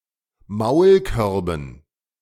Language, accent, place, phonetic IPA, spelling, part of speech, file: German, Germany, Berlin, [ˈmaʊ̯lˌkœʁbn̩], Maulkörben, noun, De-Maulkörben.ogg
- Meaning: dative plural of Maulkorb